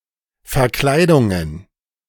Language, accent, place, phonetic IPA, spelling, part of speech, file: German, Germany, Berlin, [fɐˈklaɪ̯dʊŋən], Verkleidungen, noun, De-Verkleidungen.ogg
- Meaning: plural of Verkleidung